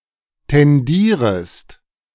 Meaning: second-person singular subjunctive I of tendieren
- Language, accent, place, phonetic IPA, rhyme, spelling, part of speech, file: German, Germany, Berlin, [tɛnˈdiːʁəst], -iːʁəst, tendierest, verb, De-tendierest.ogg